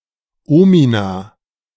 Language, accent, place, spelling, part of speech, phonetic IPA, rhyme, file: German, Germany, Berlin, Omina, noun, [ˈoːmina], -oːmina, De-Omina.ogg
- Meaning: plural of Omen